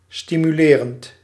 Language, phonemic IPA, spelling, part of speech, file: Dutch, /ˌstimyˈlerənt/, stimulerend, verb / adjective, Nl-stimulerend.ogg
- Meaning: present participle of stimuleren